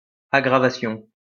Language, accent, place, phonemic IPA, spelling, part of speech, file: French, France, Lyon, /a.ɡʁa.va.sjɔ̃/, aggravation, noun, LL-Q150 (fra)-aggravation.wav
- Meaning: aggravation